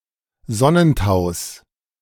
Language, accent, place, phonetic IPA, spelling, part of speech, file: German, Germany, Berlin, [ˈzɔnənˌtaʊ̯s], Sonnentaus, noun, De-Sonnentaus.ogg
- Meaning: genitive of Sonnentau